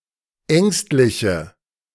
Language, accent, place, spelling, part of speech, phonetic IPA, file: German, Germany, Berlin, ängstliche, adjective, [ˈɛŋstlɪçə], De-ängstliche.ogg
- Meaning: inflection of ängstlich: 1. strong/mixed nominative/accusative feminine singular 2. strong nominative/accusative plural 3. weak nominative all-gender singular